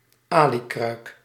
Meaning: 1. common periwinkle (Littorina littorea) 2. periwinkle, any mollusk of the genus Littorina
- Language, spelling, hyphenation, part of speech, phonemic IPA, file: Dutch, alikruik, ali‧kruik, noun, /ˈaːlikrœy̯k/, Nl-alikruik.ogg